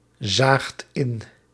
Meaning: second-person (gij) singular past indicative of inzien
- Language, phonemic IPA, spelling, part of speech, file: Dutch, /ˈzaxt ˈɪn/, zaagt in, verb, Nl-zaagt in.ogg